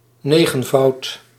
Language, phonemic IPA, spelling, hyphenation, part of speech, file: Dutch, /ˈneɣə(n)ˌvɑut/, negenvoud, ne‧gen‧voud, noun, Nl-negenvoud.ogg
- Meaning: a ninefold